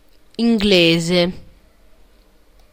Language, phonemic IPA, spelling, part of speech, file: Italian, /inˈɡleze/, inglese, adjective / noun, It-inglese.ogg